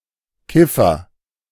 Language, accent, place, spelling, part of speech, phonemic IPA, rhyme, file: German, Germany, Berlin, Kiffer, noun, /ˈkɪ.fɐ/, -ɪfɐ, De-Kiffer.ogg
- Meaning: one who smokes marijuana, especially regularly; a pothead, stoner